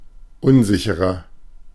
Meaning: 1. comparative degree of unsicher 2. inflection of unsicher: strong/mixed nominative masculine singular 3. inflection of unsicher: strong genitive/dative feminine singular
- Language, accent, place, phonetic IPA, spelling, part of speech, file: German, Germany, Berlin, [ˈʊnˌzɪçəʁɐ], unsicherer, adjective, De-unsicherer.ogg